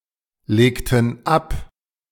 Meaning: inflection of ablegen: 1. first/third-person plural preterite 2. first/third-person plural subjunctive II
- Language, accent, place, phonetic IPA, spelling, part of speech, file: German, Germany, Berlin, [ˌleːktn̩ ˈap], legten ab, verb, De-legten ab.ogg